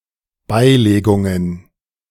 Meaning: plural of Beilegung
- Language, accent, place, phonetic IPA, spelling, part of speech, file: German, Germany, Berlin, [ˈbaɪ̯leːɡʊŋən], Beilegungen, noun, De-Beilegungen.ogg